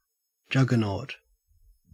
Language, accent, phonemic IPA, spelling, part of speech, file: English, Australia, /ˈd͡ʒʌɡ.ə.nɔːt/, juggernaut, noun, En-au-juggernaut.ogg
- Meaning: 1. A literal or metaphorical force or object regarded as unstoppable, that will crush all in its path 2. A large, cumbersome truck or lorry, especially an articulated lorry